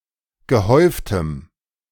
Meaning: strong dative masculine/neuter singular of gehäuft
- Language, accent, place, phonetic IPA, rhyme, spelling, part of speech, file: German, Germany, Berlin, [ɡəˈhɔɪ̯ftəm], -ɔɪ̯ftəm, gehäuftem, adjective, De-gehäuftem.ogg